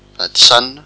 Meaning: addition (mathematical operation)
- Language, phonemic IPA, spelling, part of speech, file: Malagasy, /adisaninạ/, adisanina, noun, Mg-adisanina.ogg